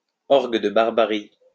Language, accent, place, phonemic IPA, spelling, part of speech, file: French, France, Lyon, /ɔʁ.ɡ(ə) də baʁ.ba.ʁi/, orgue de Barbarie, noun, LL-Q150 (fra)-orgue de Barbarie.wav
- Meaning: barrel organ